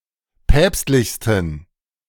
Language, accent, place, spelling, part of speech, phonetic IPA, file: German, Germany, Berlin, päpstlichsten, adjective, [ˈpɛːpstlɪçstn̩], De-päpstlichsten.ogg
- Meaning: 1. superlative degree of päpstlich 2. inflection of päpstlich: strong genitive masculine/neuter singular superlative degree